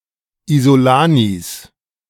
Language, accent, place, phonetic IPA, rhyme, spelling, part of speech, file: German, Germany, Berlin, [izoˈlaːnis], -aːnis, Isolanis, noun, De-Isolanis.ogg
- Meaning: 1. genitive singular of Isolani 2. plural of Isolani